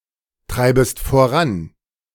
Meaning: second-person singular subjunctive I of vorantreiben
- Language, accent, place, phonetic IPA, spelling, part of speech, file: German, Germany, Berlin, [ˌtʁaɪ̯bəst foˈʁan], treibest voran, verb, De-treibest voran.ogg